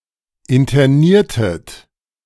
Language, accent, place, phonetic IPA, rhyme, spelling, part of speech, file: German, Germany, Berlin, [ɪntɐˈniːɐ̯tət], -iːɐ̯tət, interniertet, verb, De-interniertet.ogg
- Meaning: inflection of internieren: 1. second-person plural preterite 2. second-person plural subjunctive II